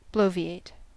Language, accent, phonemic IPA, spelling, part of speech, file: English, US, /ˈbloʊ.viˌeɪt/, bloviate, verb, En-us-bloviate.ogg
- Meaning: To speak or discourse at length in a pompous or boastful manner